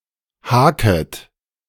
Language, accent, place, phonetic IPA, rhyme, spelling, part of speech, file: German, Germany, Berlin, [ˈhaːkət], -aːkət, haket, verb, De-haket.ogg
- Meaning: second-person plural subjunctive I of haken